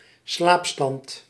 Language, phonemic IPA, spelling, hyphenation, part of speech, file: Dutch, /ˈslaːp.stɑnt/, slaapstand, slaap‧stand, noun, Nl-slaapstand.ogg
- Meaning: sleep mode